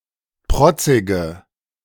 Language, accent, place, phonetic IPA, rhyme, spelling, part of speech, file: German, Germany, Berlin, [ˈpʁɔt͡sɪɡə], -ɔt͡sɪɡə, protzige, adjective, De-protzige.ogg
- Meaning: inflection of protzig: 1. strong/mixed nominative/accusative feminine singular 2. strong nominative/accusative plural 3. weak nominative all-gender singular 4. weak accusative feminine/neuter singular